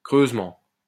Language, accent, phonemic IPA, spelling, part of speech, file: French, France, /kʁøz.mɑ̃/, creusement, noun, LL-Q150 (fra)-creusement.wav
- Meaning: digging, dig